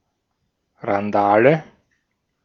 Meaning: tumult; riot (loud and unrestrained behaviour by one or more people, often with property damage, sometimes also bodily harm)
- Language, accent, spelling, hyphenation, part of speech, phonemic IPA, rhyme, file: German, Austria, Randale, Ran‧da‧le, noun, /ʁanˈdaːlə/, -aːlə, De-at-Randale.ogg